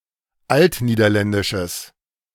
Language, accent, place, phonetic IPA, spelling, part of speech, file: German, Germany, Berlin, [ˈaltniːdɐˌlɛndɪʃəs], altniederländisches, adjective, De-altniederländisches.ogg
- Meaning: strong/mixed nominative/accusative neuter singular of altniederländisch